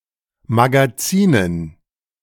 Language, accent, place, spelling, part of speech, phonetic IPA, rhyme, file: German, Germany, Berlin, Magazinen, noun, [maɡaˈt͡siːnən], -iːnən, De-Magazinen.ogg
- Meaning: dative plural of Magazin